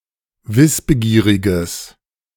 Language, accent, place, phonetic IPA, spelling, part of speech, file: German, Germany, Berlin, [ˈvɪsbəˌɡiːʁɪɡəs], wissbegieriges, adjective, De-wissbegieriges.ogg
- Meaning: strong/mixed nominative/accusative neuter singular of wissbegierig